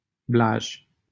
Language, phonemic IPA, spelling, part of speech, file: Romanian, /blaʒ/, Blaj, proper noun, LL-Q7913 (ron)-Blaj.wav
- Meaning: 1. a city in Alba County, Romania 2. a village in Voineasa, Olt County, Romania